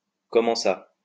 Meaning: what do you mean? how do you mean? say what? how so?
- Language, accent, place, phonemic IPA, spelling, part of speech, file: French, France, Lyon, /kɔ.mɑ̃ sa/, comment ça, phrase, LL-Q150 (fra)-comment ça.wav